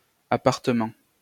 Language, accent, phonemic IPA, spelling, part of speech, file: French, France, /a.paʁ.tə.mɑ̃/, apartement, noun, LL-Q150 (fra)-apartement.wav
- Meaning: obsolete spelling of appartement